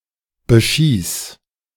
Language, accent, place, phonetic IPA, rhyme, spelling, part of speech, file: German, Germany, Berlin, [bəˈʃiːs], -iːs, beschieß, verb, De-beschieß.ogg
- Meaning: singular imperative of beschießen